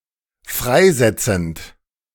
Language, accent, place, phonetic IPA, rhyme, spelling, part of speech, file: German, Germany, Berlin, [ˈfʁaɪ̯ˌzɛt͡sn̩t], -aɪ̯zɛt͡sn̩t, freisetzend, verb, De-freisetzend.ogg
- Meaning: present participle of freisetzen